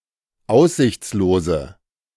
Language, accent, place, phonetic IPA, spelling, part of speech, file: German, Germany, Berlin, [ˈaʊ̯szɪçt͡sloːzə], aussichtslose, adjective, De-aussichtslose.ogg
- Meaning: inflection of aussichtslos: 1. strong/mixed nominative/accusative feminine singular 2. strong nominative/accusative plural 3. weak nominative all-gender singular